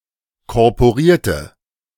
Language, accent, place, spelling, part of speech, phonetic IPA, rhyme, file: German, Germany, Berlin, korporierte, adjective, [kɔʁpoˈʁiːɐ̯tə], -iːɐ̯tə, De-korporierte.ogg
- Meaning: inflection of korporiert: 1. strong/mixed nominative/accusative feminine singular 2. strong nominative/accusative plural 3. weak nominative all-gender singular